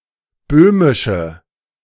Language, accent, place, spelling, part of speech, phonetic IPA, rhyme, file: German, Germany, Berlin, böhmische, adjective, [ˈbøːmɪʃə], -øːmɪʃə, De-böhmische.ogg
- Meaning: inflection of böhmisch: 1. strong/mixed nominative/accusative feminine singular 2. strong nominative/accusative plural 3. weak nominative all-gender singular